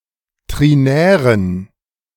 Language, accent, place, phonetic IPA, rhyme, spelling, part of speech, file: German, Germany, Berlin, [ˌtʁiˈnɛːʁən], -ɛːʁən, trinären, adjective, De-trinären.ogg
- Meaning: inflection of trinär: 1. strong genitive masculine/neuter singular 2. weak/mixed genitive/dative all-gender singular 3. strong/weak/mixed accusative masculine singular 4. strong dative plural